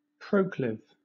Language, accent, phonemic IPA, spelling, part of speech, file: English, Southern England, /ˈpɹəʊklɪv/, proclive, adjective, LL-Q1860 (eng)-proclive.wav
- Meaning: Having a tendency by nature; prone